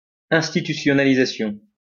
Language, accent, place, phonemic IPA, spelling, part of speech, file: French, France, Lyon, /ɛ̃s.ti.ty.sjɔ.na.li.za.sjɔ̃/, institutionnalisation, noun, LL-Q150 (fra)-institutionnalisation.wav
- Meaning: institutionalization